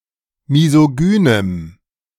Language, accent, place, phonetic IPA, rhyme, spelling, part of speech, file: German, Germany, Berlin, [mizoˈɡyːnəm], -yːnəm, misogynem, adjective, De-misogynem.ogg
- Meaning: strong dative masculine/neuter singular of misogyn